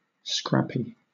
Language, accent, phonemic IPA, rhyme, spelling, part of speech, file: English, Southern England, /ˈskɹæpi/, -æpi, scrappy, adjective, LL-Q1860 (eng)-scrappy.wav
- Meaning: 1. Consisting of scraps; fragmentary; lacking unity or consistency 2. Having an aggressive spirit; inclined to fight or strive